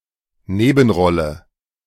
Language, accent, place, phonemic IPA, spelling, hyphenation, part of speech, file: German, Germany, Berlin, /ˈneːbn̩ˌʁɔlə/, Nebenrolle, Ne‧ben‧rol‧le, noun, De-Nebenrolle.ogg
- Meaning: 1. supporting role (a role played by a supporting actor) 2. unimportant, uninfluential role